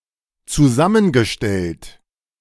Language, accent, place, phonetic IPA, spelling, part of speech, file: German, Germany, Berlin, [t͡suˈzamənɡəˌʃtɛlt], zusammengestellt, verb, De-zusammengestellt.ogg
- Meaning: past participle of zusammenstellen